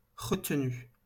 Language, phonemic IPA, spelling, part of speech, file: French, /ʁə.t(ə).ny/, retenue, verb / noun, LL-Q150 (fra)-retenue.wav
- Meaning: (verb) feminine singular of retenu; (noun) 1. restraint 2. deduction 3. reservoir 4. detention